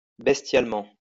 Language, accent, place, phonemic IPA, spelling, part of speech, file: French, France, Lyon, /bɛs.tjal.mɑ̃/, bestialement, adverb, LL-Q150 (fra)-bestialement.wav
- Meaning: bestially